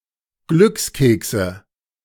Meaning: inflection of Glückskeks: 1. dative singular 2. nominative/accusative/genitive plural
- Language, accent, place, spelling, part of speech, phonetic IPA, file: German, Germany, Berlin, Glückskekse, noun, [ˈɡlʏksˌkeːksə], De-Glückskekse.ogg